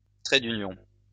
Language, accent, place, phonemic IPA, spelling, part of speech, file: French, France, Lyon, /tʁɛ d‿y.njɔ̃/, trait d'union, noun, LL-Q150 (fra)-trait d'union.wav
- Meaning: hyphen